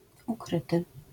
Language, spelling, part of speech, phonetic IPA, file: Polish, ukryty, adjective, [uˈkrɨtɨ], LL-Q809 (pol)-ukryty.wav